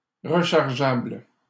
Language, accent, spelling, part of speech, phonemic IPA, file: French, Canada, rechargeable, adjective, /ʁə.ʃaʁ.ʒabl/, LL-Q150 (fra)-rechargeable.wav
- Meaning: rechargeable